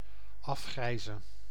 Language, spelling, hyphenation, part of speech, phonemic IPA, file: Dutch, afgrijzen, af‧grij‧zen, noun / verb, /ˈɑfˌxrɛi̯.zə(n)/, Nl-afgrijzen.ogg
- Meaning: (noun) 1. revulsion, aversion 2. horror; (verb) to have an aversion for